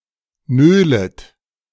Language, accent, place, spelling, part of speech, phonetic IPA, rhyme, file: German, Germany, Berlin, nölet, verb, [ˈnøːlət], -øːlət, De-nölet.ogg
- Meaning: second-person plural subjunctive I of nölen